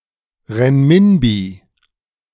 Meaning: renminbi (currency in China)
- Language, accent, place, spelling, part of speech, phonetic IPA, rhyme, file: German, Germany, Berlin, Renminbi, noun, [ˌʁɛnmɪnˈbiː], -iː, De-Renminbi.ogg